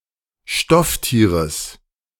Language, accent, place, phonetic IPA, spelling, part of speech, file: German, Germany, Berlin, [ˈʃtɔfˌtiːʁəs], Stofftieres, noun, De-Stofftieres.ogg
- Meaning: genitive singular of Stofftier